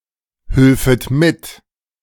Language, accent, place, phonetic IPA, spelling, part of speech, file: German, Germany, Berlin, [ˌhʏlfət ˈmɪt], hülfet mit, verb, De-hülfet mit.ogg
- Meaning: second-person plural subjunctive II of mithelfen